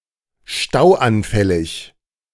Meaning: Tending to clog up (of roads)
- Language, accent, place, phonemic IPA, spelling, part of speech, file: German, Germany, Berlin, /ˈʃtaʊ̯ʔanˌfɛlɪç/, stauanfällig, adjective, De-stauanfällig.ogg